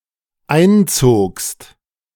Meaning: second-person singular dependent preterite of einziehen
- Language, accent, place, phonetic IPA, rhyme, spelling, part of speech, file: German, Germany, Berlin, [ˈaɪ̯nˌt͡soːkst], -aɪ̯nt͡soːkst, einzogst, verb, De-einzogst.ogg